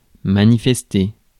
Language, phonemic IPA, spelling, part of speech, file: French, /ma.ni.fɛs.te/, manifester, verb, Fr-manifester.ogg
- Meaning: 1. to manifest or demonstrate 2. to protest (to speak out against something)